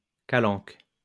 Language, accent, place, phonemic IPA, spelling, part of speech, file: French, France, Lyon, /ka.lɑ̃k/, calanque, noun, LL-Q150 (fra)-calanque.wav
- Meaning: creek (rocky inlet), especially one in the Mediterranean